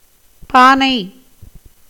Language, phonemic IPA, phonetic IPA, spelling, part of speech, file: Tamil, /pɑːnɐɪ̯/, [päːnɐɪ̯], பானை, noun, Ta-பானை.ogg
- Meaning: 1. pot, vessel (typical an earthenware) 2. a measure of capacity equivalent to 4 chembus (செம்பு (cempu)), used to weigh oil